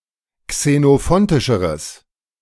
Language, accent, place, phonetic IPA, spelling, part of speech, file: German, Germany, Berlin, [ksenoˈfɔntɪʃəʁəs], xenophontischeres, adjective, De-xenophontischeres.ogg
- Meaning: strong/mixed nominative/accusative neuter singular comparative degree of xenophontisch